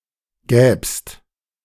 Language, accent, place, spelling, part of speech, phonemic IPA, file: German, Germany, Berlin, gäbst, verb, /ɡɛːpst/, De-gäbst.ogg
- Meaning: second-person singular subjunctive II of geben